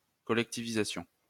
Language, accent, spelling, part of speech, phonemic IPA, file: French, France, collectivisation, noun, /kɔ.lɛk.ti.vi.za.sjɔ̃/, LL-Q150 (fra)-collectivisation.wav
- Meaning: collectivisation